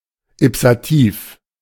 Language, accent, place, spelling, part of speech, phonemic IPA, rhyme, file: German, Germany, Berlin, ipsativ, adjective, /ɪpsaˈtiːf/, -iːf, De-ipsativ.ogg
- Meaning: ipsative